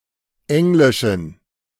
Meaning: inflection of englisch: 1. strong genitive masculine/neuter singular 2. weak/mixed genitive/dative all-gender singular 3. strong/weak/mixed accusative masculine singular 4. strong dative plural
- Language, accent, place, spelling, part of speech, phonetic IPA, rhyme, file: German, Germany, Berlin, englischen, adjective, [ˈɛŋlɪʃn̩], -ɛŋlɪʃn̩, De-englischen.ogg